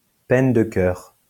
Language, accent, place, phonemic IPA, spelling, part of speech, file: French, France, Lyon, /pɛn də kœʁ/, peine de cœur, noun, LL-Q150 (fra)-peine de cœur.wav
- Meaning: heartache; brokenheartedness; lovesickness; love disappointment; unreciprocated love feelings; unrequited love; unhappy love story